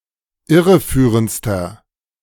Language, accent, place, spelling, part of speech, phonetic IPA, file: German, Germany, Berlin, irreführendster, adjective, [ˈɪʁəˌfyːʁənt͡stɐ], De-irreführendster.ogg
- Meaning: inflection of irreführend: 1. strong/mixed nominative masculine singular superlative degree 2. strong genitive/dative feminine singular superlative degree 3. strong genitive plural superlative degree